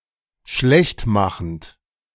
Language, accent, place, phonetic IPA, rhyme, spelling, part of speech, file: German, Germany, Berlin, [ˈʃlɛçtˌmaxn̩t], -ɛçtmaxn̩t, schlechtmachend, verb, De-schlechtmachend.ogg
- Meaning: present participle of schlechtmachen